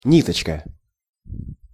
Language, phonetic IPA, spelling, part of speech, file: Russian, [ˈnʲitət͡ɕkə], ниточка, noun, Ru-ниточка.ogg
- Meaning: diminutive of нить (nitʹ), diminutive of ни́тка (nítka): (short or thin) thread